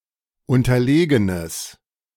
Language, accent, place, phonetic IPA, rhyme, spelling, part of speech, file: German, Germany, Berlin, [ˌʊntɐˈleːɡənəs], -eːɡənəs, unterlegenes, adjective, De-unterlegenes.ogg
- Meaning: strong/mixed nominative/accusative neuter singular of unterlegen